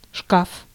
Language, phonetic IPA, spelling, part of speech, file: Russian, [ʂkaf], шкаф, noun, Ru-шкаф.ogg
- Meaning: 1. cupboard 2. wardrobe, closet 3. locker, cabinet 4. bookcase, shelves